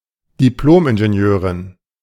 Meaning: An engineer's degree given to females in Austria till 2008
- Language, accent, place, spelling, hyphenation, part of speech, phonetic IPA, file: German, Germany, Berlin, Diplomingenieurin, Dip‧lom‧in‧ge‧ni‧eu‧rin, noun, [diˈploːmʔɪnʒeˌni̯øːʀɪn], De-Diplomingenieurin.ogg